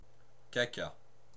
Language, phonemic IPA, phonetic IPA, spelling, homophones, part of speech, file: French, /ka.ka/, [ka.ka], caca, cacas, noun / adjective / verb, Fr-caca.ogg
- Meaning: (noun) 1. poo, poop (childish word for excrement, fecal matter, dung, crap) 2. ellipsis of caca ravet (a species of tree); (adjective) resembling or reminiscent of poo, poop